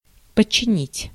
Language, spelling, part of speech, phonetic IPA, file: Russian, подчинить, verb, [pət͡ɕːɪˈnʲitʲ], Ru-подчинить.ogg
- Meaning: 1. to subordinate (to), to place (under), to place under the command 2. to subdue 3. to dedicate 4. to subordinate